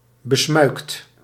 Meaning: secret, secretive
- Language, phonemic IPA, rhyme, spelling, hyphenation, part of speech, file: Dutch, /bəˈsmœy̯kt/, -œy̯kt, besmuikt, be‧smuikt, adjective, Nl-besmuikt.ogg